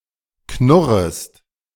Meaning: second-person singular subjunctive I of knurren
- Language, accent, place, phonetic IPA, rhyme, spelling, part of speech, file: German, Germany, Berlin, [ˈknʊʁəst], -ʊʁəst, knurrest, verb, De-knurrest.ogg